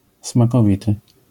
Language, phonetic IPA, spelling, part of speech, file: Polish, [s̪mäkɔˈvit̪ɨ], smakowity, adjective, LL-Q809 (pol)-smakowity.wav